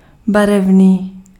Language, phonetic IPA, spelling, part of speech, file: Czech, [ˈbarɛvniː], barevný, adjective, Cs-barevný.ogg
- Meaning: coloured